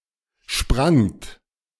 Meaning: second-person plural preterite of springen
- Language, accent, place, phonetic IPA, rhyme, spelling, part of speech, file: German, Germany, Berlin, [ʃpʁaŋt], -aŋt, sprangt, verb, De-sprangt.ogg